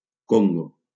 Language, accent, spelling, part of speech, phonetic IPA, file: Catalan, Valencia, Congo, proper noun, [ˈkoŋ.ɡo], LL-Q7026 (cat)-Congo.wav
- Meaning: Democratic Republic of the Congo (a country in Central Africa, larger and to the east of the Republic of the Congo)